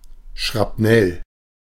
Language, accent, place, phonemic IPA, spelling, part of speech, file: German, Germany, Berlin, /ʃʁapˈnɛl/, Schrapnell, noun, De-Schrapnell.ogg
- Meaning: shrapnel